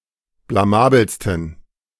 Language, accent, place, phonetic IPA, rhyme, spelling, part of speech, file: German, Germany, Berlin, [blaˈmaːbl̩stn̩], -aːbl̩stn̩, blamabelsten, adjective, De-blamabelsten.ogg
- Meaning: 1. superlative degree of blamabel 2. inflection of blamabel: strong genitive masculine/neuter singular superlative degree